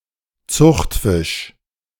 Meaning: farmed fish
- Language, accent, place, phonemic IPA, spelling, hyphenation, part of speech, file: German, Germany, Berlin, /ˈt͡sʊxtˌfɪʃ/, Zuchtfisch, Zucht‧fisch, noun, De-Zuchtfisch.ogg